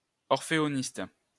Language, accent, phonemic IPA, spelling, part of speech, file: French, France, /ɔʁ.fe.ɔ.nist/, orphéoniste, noun, LL-Q150 (fra)-orphéoniste.wav
- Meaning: a member of a choral society